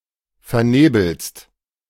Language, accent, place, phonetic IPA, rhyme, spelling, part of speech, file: German, Germany, Berlin, [fɛɐ̯ˈneːbl̩st], -eːbl̩st, vernebelst, verb, De-vernebelst.ogg
- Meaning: second-person singular present of vernebeln